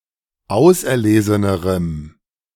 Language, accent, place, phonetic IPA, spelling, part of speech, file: German, Germany, Berlin, [ˈaʊ̯sʔɛɐ̯ˌleːzənəʁəm], auserlesenerem, adjective, De-auserlesenerem.ogg
- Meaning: strong dative masculine/neuter singular comparative degree of auserlesen